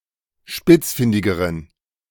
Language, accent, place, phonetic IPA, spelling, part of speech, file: German, Germany, Berlin, [ˈʃpɪt͡sˌfɪndɪɡəʁən], spitzfindigeren, adjective, De-spitzfindigeren.ogg
- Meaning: inflection of spitzfindig: 1. strong genitive masculine/neuter singular comparative degree 2. weak/mixed genitive/dative all-gender singular comparative degree